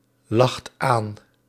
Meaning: inflection of aanlachen: 1. second/third-person singular present indicative 2. plural imperative
- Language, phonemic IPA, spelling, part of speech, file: Dutch, /ˈlɑxt ˈan/, lacht aan, verb, Nl-lacht aan.ogg